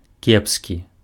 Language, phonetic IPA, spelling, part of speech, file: Belarusian, [ˈkʲepskʲi], кепскі, adjective, Be-кепскі.ogg
- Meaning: 1. bad 2. deplorable (deserving strong condemnation; shockingly bad)